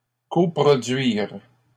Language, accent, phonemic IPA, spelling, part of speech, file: French, Canada, /kɔ.pʁɔ.dɥiʁ/, coproduire, verb, LL-Q150 (fra)-coproduire.wav
- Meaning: to coproduce